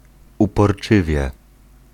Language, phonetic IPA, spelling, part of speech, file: Polish, [ˌupɔrˈt͡ʃɨvʲjɛ], uporczywie, adverb, Pl-uporczywie.ogg